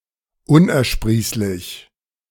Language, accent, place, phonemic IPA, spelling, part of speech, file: German, Germany, Berlin, /ˈʊnʔɛɐ̯ˌʃpʁiːslɪç/, unersprießlich, adjective, De-unersprießlich.ogg
- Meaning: fruitless, unproductive, unprofitable